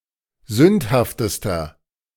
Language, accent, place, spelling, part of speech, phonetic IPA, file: German, Germany, Berlin, sündhaftester, adjective, [ˈzʏnthaftəstɐ], De-sündhaftester.ogg
- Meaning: inflection of sündhaft: 1. strong/mixed nominative masculine singular superlative degree 2. strong genitive/dative feminine singular superlative degree 3. strong genitive plural superlative degree